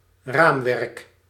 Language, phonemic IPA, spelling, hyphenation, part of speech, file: Dutch, /ˈramwɛrᵊk/, raamwerk, raam‧werk, noun, Nl-raamwerk.ogg
- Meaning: framework